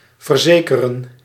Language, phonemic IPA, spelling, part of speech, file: Dutch, /vərˈzeː.kə.rə(n)/, verzekeren, verb, Nl-verzekeren.ogg
- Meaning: 1. to assure 2. to insure